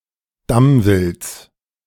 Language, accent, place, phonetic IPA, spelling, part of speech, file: German, Germany, Berlin, [ˈdamvɪlt͡s], Damwilds, noun, De-Damwilds.ogg
- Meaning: genitive singular of Damwild